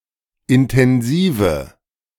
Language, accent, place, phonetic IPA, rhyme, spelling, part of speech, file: German, Germany, Berlin, [ɪntɛnˈziːvə], -iːvə, intensive, adjective, De-intensive.ogg
- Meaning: inflection of intensiv: 1. strong/mixed nominative/accusative feminine singular 2. strong nominative/accusative plural 3. weak nominative all-gender singular